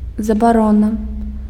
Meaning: ban, prohibition
- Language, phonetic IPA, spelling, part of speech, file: Belarusian, [zabaˈrona], забарона, noun, Be-забарона.ogg